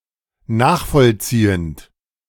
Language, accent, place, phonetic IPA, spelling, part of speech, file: German, Germany, Berlin, [ˈnaːxfɔlˌt͡siːənt], nachvollziehend, verb, De-nachvollziehend.ogg
- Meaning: present participle of nachvollziehen